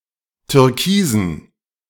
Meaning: dative plural of Türkis
- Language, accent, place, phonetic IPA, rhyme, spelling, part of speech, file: German, Germany, Berlin, [tʏʁˈkiːzn̩], -iːzn̩, Türkisen, noun, De-Türkisen.ogg